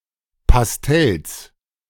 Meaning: genitive of Pastell
- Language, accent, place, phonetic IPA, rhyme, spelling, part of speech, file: German, Germany, Berlin, [pasˈtɛls], -ɛls, Pastells, noun, De-Pastells.ogg